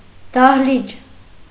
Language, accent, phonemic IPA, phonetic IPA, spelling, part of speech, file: Armenian, Eastern Armenian, /dɑhˈlit͡ʃ/, [dɑhlít͡ʃ], դահլիճ, noun, Hy-դահլիճ.ogg
- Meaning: hall, auditorium